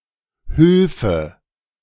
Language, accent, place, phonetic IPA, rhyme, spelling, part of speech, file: German, Germany, Berlin, [ˈhʏlfə], -ʏlfə, hülfe, verb, De-hülfe.ogg
- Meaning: first/third-person singular subjunctive II of helfen